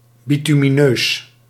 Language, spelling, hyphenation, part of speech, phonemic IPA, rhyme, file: Dutch, bitumineus, bitumineus, adjective, /ˌbi.ty.miˈnøːs/, -øːs, Nl-bitumineus.ogg
- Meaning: bituminous, pertaining to bitumen or similar substances